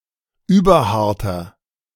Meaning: inflection of überhart: 1. strong/mixed nominative masculine singular 2. strong genitive/dative feminine singular 3. strong genitive plural
- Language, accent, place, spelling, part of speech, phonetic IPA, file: German, Germany, Berlin, überharter, adjective, [ˈyːbɐˌhaʁtɐ], De-überharter.ogg